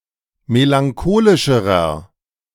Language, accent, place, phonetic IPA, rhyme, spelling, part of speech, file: German, Germany, Berlin, [melaŋˈkoːlɪʃəʁɐ], -oːlɪʃəʁɐ, melancholischerer, adjective, De-melancholischerer.ogg
- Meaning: inflection of melancholisch: 1. strong/mixed nominative masculine singular comparative degree 2. strong genitive/dative feminine singular comparative degree